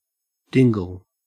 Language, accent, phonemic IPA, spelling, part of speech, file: English, Australia, /ˈdɪŋɡl̩/, dingle, noun, En-au-dingle.ogg
- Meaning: A small, narrow or enclosed, usually wooded valley